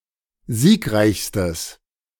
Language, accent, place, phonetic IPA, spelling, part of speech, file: German, Germany, Berlin, [ˈziːkˌʁaɪ̯çstəs], siegreichstes, adjective, De-siegreichstes.ogg
- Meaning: strong/mixed nominative/accusative neuter singular superlative degree of siegreich